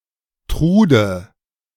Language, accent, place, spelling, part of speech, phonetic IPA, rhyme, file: German, Germany, Berlin, Trude, proper noun, [ˈtʁuːdə], -uːdə, De-Trude.ogg
- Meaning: a diminutive of the female given name Gertrude